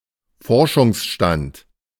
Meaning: state of research
- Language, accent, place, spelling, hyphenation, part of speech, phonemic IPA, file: German, Germany, Berlin, Forschungsstand, For‧schungs‧stand, noun, /ˈfɔʁʃʊŋsˌʃtant/, De-Forschungsstand.ogg